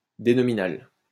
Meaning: denominal
- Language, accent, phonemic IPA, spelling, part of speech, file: French, France, /de.nɔ.mi.nal/, dénominal, noun, LL-Q150 (fra)-dénominal.wav